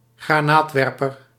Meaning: a grenade launcher
- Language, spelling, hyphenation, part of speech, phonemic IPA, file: Dutch, granaatwerper, gra‧naat‧wer‧per, noun, /ɣraːˈnaːtˌʋɛr.pər/, Nl-granaatwerper.ogg